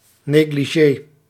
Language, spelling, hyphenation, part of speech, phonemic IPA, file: Dutch, negligé, ne‧gli‧gé, noun, /ˌneː.ɡliˈʒeː/, Nl-negligé.ogg
- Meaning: 1. négligée, women's nightgown 2. bathrobe, of a type mainly worn by women